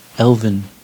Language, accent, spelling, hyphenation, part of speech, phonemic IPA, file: English, General American, elven, elv‧en, noun / adjective, /ˈɛlv(ə)n/, En-us-elven.ogg
- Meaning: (noun) Originally, a female elf, a fairy, a nymph; (by extension) any elf; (adjective) Belonging or relating to, or characteristic of, elves; elfin, elflike